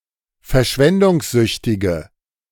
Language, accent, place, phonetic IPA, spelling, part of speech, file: German, Germany, Berlin, [fɛɐ̯ˈʃvɛndʊŋsˌzʏçtɪɡə], verschwendungssüchtige, adjective, De-verschwendungssüchtige.ogg
- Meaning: inflection of verschwendungssüchtig: 1. strong/mixed nominative/accusative feminine singular 2. strong nominative/accusative plural 3. weak nominative all-gender singular